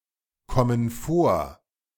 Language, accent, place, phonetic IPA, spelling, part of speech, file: German, Germany, Berlin, [ˌkɔmən ˈfoːɐ̯], kommen vor, verb, De-kommen vor.ogg
- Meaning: inflection of vorkommen: 1. first/third-person plural present 2. first/third-person plural subjunctive I